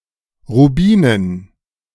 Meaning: dative plural of Rubin
- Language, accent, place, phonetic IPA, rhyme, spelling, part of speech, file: German, Germany, Berlin, [ʁuˈbiːnən], -iːnən, Rubinen, noun, De-Rubinen.ogg